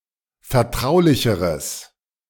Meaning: strong/mixed nominative/accusative neuter singular comparative degree of vertraulich
- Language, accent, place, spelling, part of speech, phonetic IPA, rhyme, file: German, Germany, Berlin, vertraulicheres, adjective, [fɛɐ̯ˈtʁaʊ̯lɪçəʁəs], -aʊ̯lɪçəʁəs, De-vertraulicheres.ogg